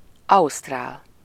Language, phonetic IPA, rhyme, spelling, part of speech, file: Hungarian, [ˈɒustraːl], -aːl, ausztrál, adjective / noun, Hu-ausztrál.ogg
- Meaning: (adjective) Australian (of, or relating to Australia and its people); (noun) Australian (a person from the Commonwealth of Australia)